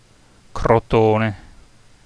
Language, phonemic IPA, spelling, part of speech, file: Italian, /kroˈtone/, Crotone, proper noun, It-Crotone.ogg